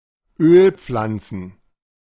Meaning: plural of Ölpflanze
- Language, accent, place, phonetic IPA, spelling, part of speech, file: German, Germany, Berlin, [ˈøːlˌp͡flant͡sn̩], Ölpflanzen, noun, De-Ölpflanzen.ogg